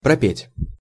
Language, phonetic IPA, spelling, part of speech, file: Russian, [prɐˈpʲetʲ], пропеть, verb, Ru-пропеть.ogg
- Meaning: 1. to sing 2. to sing (for some time)